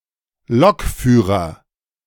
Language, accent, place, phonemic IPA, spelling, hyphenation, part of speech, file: German, Germany, Berlin, /ˈlɔkˌfyːʁɐ/, Lokführer, Lok‧füh‧rer, noun, De-Lokführer.ogg
- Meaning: clipping of Lokomotivführer (train driver) (male or of unspecified gender)